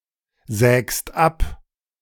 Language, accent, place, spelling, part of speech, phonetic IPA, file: German, Germany, Berlin, sägst ab, verb, [ˌzɛːkst ˈap], De-sägst ab.ogg
- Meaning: second-person singular present of absägen